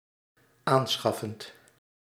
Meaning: present participle of aanschaffen
- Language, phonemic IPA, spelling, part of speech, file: Dutch, /ˈansxɑfənt/, aanschaffend, verb, Nl-aanschaffend.ogg